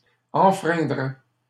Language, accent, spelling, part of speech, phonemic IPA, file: French, Canada, enfreindraient, verb, /ɑ̃.fʁɛ̃.dʁɛ/, LL-Q150 (fra)-enfreindraient.wav
- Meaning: third-person plural conditional of enfreindre